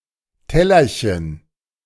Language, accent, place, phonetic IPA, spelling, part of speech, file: German, Germany, Berlin, [ˈtɛlɐçən], Tellerchen, noun, De-Tellerchen.ogg
- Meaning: diminutive of Teller